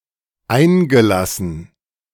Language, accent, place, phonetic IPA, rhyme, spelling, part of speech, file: German, Germany, Berlin, [ˈaɪ̯nɡəˌlasn̩], -aɪ̯nɡəlasn̩, eingelassen, verb, De-eingelassen.ogg
- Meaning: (verb) past participle of einlassen; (adjective) 1. embedded 2. flush